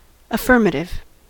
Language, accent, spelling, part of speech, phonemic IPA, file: English, US, affirmative, adjective / noun / interjection, /əˈfɝməɾɪv/, En-us-affirmative.ogg
- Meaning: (adjective) 1. pertaining to truth; asserting that something is; affirming 2. pertaining to any assertion or active confirmation that favors a particular result 3. positive 4. Confirmative; ratifying